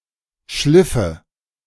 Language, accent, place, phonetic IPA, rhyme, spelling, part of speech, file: German, Germany, Berlin, [ˈʃlɪfə], -ɪfə, schliffe, verb, De-schliffe.ogg
- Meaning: first/third-person singular subjunctive II of schleifen